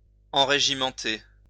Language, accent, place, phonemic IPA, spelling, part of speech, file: French, France, Lyon, /ɑ̃.ʁe.ʒi.mɑ̃.te/, enrégimenter, verb, LL-Q150 (fra)-enrégimenter.wav
- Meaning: to enlist